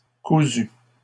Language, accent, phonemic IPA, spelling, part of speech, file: French, Canada, /ku.zy/, cousues, adjective, LL-Q150 (fra)-cousues.wav
- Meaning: feminine plural of cousu